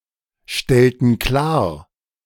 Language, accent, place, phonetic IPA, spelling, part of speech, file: German, Germany, Berlin, [ˌʃtɛltn̩ ˈklaːɐ̯], stellten klar, verb, De-stellten klar.ogg
- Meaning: inflection of klarstellen: 1. first/third-person plural preterite 2. first/third-person plural subjunctive II